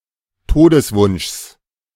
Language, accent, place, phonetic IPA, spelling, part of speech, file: German, Germany, Berlin, [ˈtoːdəsˌvʊnʃs], Todeswunschs, noun, De-Todeswunschs.ogg
- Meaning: genitive of Todeswunsch